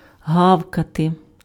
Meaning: to bark (make a short, loud, explosive noise with the vocal organs (especially dogs))
- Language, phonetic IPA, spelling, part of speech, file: Ukrainian, [ˈɦau̯kɐte], гавкати, verb, Uk-гавкати.ogg